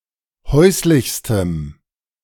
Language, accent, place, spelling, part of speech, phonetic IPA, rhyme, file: German, Germany, Berlin, häuslichstem, adjective, [ˈhɔɪ̯slɪçstəm], -ɔɪ̯slɪçstəm, De-häuslichstem.ogg
- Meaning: strong dative masculine/neuter singular superlative degree of häuslich